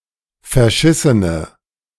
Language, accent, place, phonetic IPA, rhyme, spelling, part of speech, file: German, Germany, Berlin, [fɛɐ̯ˈʃɪsənə], -ɪsənə, verschissene, adjective, De-verschissene.ogg
- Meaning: inflection of verschissen: 1. strong/mixed nominative/accusative feminine singular 2. strong nominative/accusative plural 3. weak nominative all-gender singular